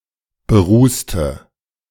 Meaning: inflection of berußen: 1. first/third-person singular preterite 2. first/third-person singular subjunctive II
- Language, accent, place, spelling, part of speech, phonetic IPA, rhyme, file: German, Germany, Berlin, berußte, adjective / verb, [bəˈʁuːstə], -uːstə, De-berußte.ogg